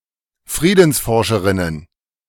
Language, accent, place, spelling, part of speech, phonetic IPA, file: German, Germany, Berlin, Friedensforscherinnen, noun, [ˈfʁiːdn̩sˌfɔʁʃəʁɪnən], De-Friedensforscherinnen.ogg
- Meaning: plural of Friedensforscherin